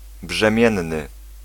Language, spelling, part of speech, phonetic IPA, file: Polish, brzemienny, adjective, [bʒɛ̃ˈmʲjɛ̃nːɨ], Pl-brzemienny.ogg